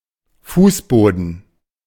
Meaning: 1. floor 2. flooring
- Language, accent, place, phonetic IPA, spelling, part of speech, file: German, Germany, Berlin, [ˈfuːsˌboːdn̩], Fußboden, noun, De-Fußboden.ogg